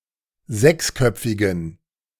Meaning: inflection of sechsköpfig: 1. strong genitive masculine/neuter singular 2. weak/mixed genitive/dative all-gender singular 3. strong/weak/mixed accusative masculine singular 4. strong dative plural
- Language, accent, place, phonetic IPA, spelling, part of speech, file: German, Germany, Berlin, [ˈzɛksˌkœp͡fɪɡn̩], sechsköpfigen, adjective, De-sechsköpfigen.ogg